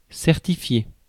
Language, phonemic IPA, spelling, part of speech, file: French, /sɛʁ.ti.fje/, certifier, verb, Fr-certifier.ogg
- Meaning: to certify (to attest as to)